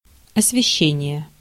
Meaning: 1. lighting; illumination 2. elucidation; coverage (e.g. in the press)
- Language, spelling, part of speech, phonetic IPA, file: Russian, освещение, noun, [ɐsvʲɪˈɕːenʲɪje], Ru-освещение.ogg